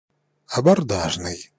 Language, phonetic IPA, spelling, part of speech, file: Russian, [ɐbɐrˈdaʐnɨj], абордажный, adjective, Ru-абордажный.ogg
- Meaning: boarding (of a ship)